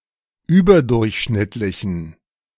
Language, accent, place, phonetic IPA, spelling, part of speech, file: German, Germany, Berlin, [ˈyːbɐˌdʊʁçʃnɪtlɪçn̩], überdurchschnittlichen, adjective, De-überdurchschnittlichen.ogg
- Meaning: inflection of überdurchschnittlich: 1. strong genitive masculine/neuter singular 2. weak/mixed genitive/dative all-gender singular 3. strong/weak/mixed accusative masculine singular